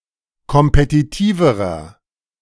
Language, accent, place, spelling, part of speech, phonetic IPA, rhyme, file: German, Germany, Berlin, kompetitiverer, adjective, [kɔmpetiˈtiːvəʁɐ], -iːvəʁɐ, De-kompetitiverer.ogg
- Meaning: inflection of kompetitiv: 1. strong/mixed nominative masculine singular comparative degree 2. strong genitive/dative feminine singular comparative degree 3. strong genitive plural comparative degree